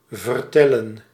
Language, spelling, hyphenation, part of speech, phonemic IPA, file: Dutch, vertellen, ver‧tel‧len, verb, /vərˈtɛlə(n)/, Nl-vertellen.ogg
- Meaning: 1. to tell 2. to miscount